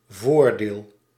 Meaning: 1. advantage 2. front part
- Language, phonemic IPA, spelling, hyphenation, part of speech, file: Dutch, /ˈvoːr.deːl/, voordeel, voor‧deel, noun, Nl-voordeel.ogg